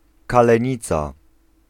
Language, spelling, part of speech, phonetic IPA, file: Polish, kalenica, noun, [ˌkalɛ̃ˈɲit͡sa], Pl-kalenica.ogg